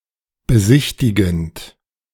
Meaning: present participle of besichtigen
- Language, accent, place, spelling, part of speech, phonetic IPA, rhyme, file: German, Germany, Berlin, besichtigend, verb, [bəˈzɪçtɪɡn̩t], -ɪçtɪɡn̩t, De-besichtigend.ogg